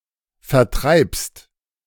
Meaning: second-person singular present of vertreiben
- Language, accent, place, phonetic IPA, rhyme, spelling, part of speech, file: German, Germany, Berlin, [fɛɐ̯ˈtʁaɪ̯pst], -aɪ̯pst, vertreibst, verb, De-vertreibst.ogg